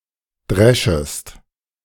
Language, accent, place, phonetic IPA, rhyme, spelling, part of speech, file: German, Germany, Berlin, [ˈdʁɛʃəst], -ɛʃəst, dreschest, verb, De-dreschest.ogg
- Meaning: second-person singular subjunctive I of dreschen